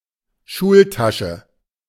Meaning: schoolbag, bookbag, satchel
- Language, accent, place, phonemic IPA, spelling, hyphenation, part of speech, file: German, Germany, Berlin, /ˈʃuːlˌtaʃə/, Schultasche, Schul‧ta‧sche, noun, De-Schultasche.ogg